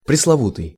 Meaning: 1. proverbial, notorious 2. ill-famed
- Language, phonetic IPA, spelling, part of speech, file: Russian, [prʲɪsɫɐˈvutɨj], пресловутый, adjective, Ru-пресловутый.ogg